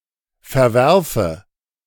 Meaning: inflection of verwerfen: 1. first-person singular present 2. first/third-person singular subjunctive I
- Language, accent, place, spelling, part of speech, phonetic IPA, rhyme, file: German, Germany, Berlin, verwerfe, verb, [fɛɐ̯ˈvɛʁfə], -ɛʁfə, De-verwerfe.ogg